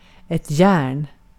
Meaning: iron: 1. iron (a metal) 2. iron (a heated appliance used to press wrinkles from clothing) 3. iron (shackles) 4. iron (golf club used for middle-distance shots)
- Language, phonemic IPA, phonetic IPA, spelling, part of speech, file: Swedish, /jɛːrn/, [ˈjæːɳ], järn, noun, Sv-järn.ogg